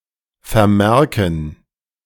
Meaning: gerund of vermerken
- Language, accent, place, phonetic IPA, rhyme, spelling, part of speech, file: German, Germany, Berlin, [fɛɐ̯ˈmɛʁkn̩], -ɛʁkn̩, Vermerken, noun, De-Vermerken.ogg